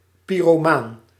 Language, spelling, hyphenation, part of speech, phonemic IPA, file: Dutch, pyromaan, py‧ro‧maan, noun / adjective, /ˌpiroˈman/, Nl-pyromaan.ogg
- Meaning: pyromaniac